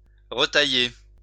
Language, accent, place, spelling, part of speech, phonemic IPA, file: French, France, Lyon, retailler, verb, /ʁə.ta.je/, LL-Q150 (fra)-retailler.wav
- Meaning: to recut (to cut again)